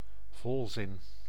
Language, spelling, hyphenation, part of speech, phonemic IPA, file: Dutch, volzin, vol‧zin, noun, /ˈvɔl.zɪn/, Nl-volzin.ogg
- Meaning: complete sentence